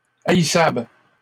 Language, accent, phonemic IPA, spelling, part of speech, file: French, Canada, /a.i.sabl/, haïssables, adjective, LL-Q150 (fra)-haïssables.wav
- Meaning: plural of haïssable